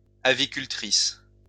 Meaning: female equivalent of aviculteur
- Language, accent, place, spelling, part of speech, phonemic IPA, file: French, France, Lyon, avicultrice, noun, /a.vi.kyl.tʁis/, LL-Q150 (fra)-avicultrice.wav